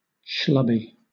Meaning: Clumsy, oafish, or socially awkward; unattractive or unkempt
- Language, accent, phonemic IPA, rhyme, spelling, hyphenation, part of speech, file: English, Southern England, /ˈʃlʌbi/, -ʌbi, schlubby, schlub‧by, adjective, LL-Q1860 (eng)-schlubby.wav